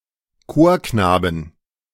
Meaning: inflection of Chorknabe: 1. genitive/dative/accusative singular 2. nominative/genitive/dative/accusative plural
- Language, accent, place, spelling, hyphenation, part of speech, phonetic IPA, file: German, Germany, Berlin, Chorknaben, Chor‧kna‧ben, noun, [ˈkoːɐ̯ˌknaːbn̩], De-Chorknaben.ogg